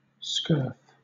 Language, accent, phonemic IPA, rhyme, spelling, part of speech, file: English, Southern England, /skɜː(ɹ)f/, -ɜː(ɹ)f, scurf, noun, LL-Q1860 (eng)-scurf.wav
- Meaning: 1. A skin disease 2. The flakes of skin that fall off as a result of a skin disease 3. Any crust-like formations on the skin, or in general 4. The foul remains of anything adherent